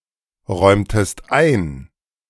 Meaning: inflection of einräumen: 1. second-person singular preterite 2. second-person singular subjunctive II
- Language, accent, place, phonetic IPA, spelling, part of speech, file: German, Germany, Berlin, [ˌʁɔɪ̯mtəst ˈaɪ̯n], räumtest ein, verb, De-räumtest ein.ogg